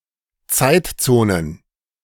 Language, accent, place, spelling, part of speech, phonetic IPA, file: German, Germany, Berlin, Zeitzonen, noun, [ˈt͡saɪ̯tt͡soːnən], De-Zeitzonen.ogg
- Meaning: plural of Zeitzone